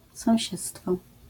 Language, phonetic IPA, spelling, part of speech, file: Polish, [sɔ̃w̃ˈɕɛt͡stfɔ], sąsiedztwo, noun, LL-Q809 (pol)-sąsiedztwo.wav